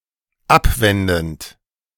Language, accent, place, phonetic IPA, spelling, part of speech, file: German, Germany, Berlin, [ˈapˌvɛndn̩t], abwendend, verb, De-abwendend.ogg
- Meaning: present participle of abwenden